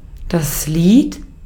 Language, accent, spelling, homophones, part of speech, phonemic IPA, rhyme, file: German, Austria, Lied, Lid / lieht, noun, /ˈliːt/, -iːt, De-at-Lied.ogg
- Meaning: song (musical composition sung with vocals or vocal lyrics)